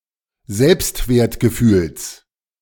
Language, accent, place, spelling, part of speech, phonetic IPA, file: German, Germany, Berlin, Selbstwertgefühls, noun, [ˈzɛlpstveːɐ̯tɡəˌfyːls], De-Selbstwertgefühls.ogg
- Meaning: genitive singular of Selbstwertgefühl